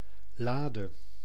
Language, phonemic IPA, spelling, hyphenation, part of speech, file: Dutch, /ˈlaː.də/, lade, la‧de, noun / verb, Nl-lade.ogg
- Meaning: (noun) alternative form of la; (verb) singular present subjunctive of laden